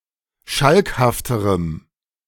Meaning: strong dative masculine/neuter singular comparative degree of schalkhaft
- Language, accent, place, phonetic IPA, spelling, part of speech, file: German, Germany, Berlin, [ˈʃalkhaftəʁəm], schalkhafterem, adjective, De-schalkhafterem.ogg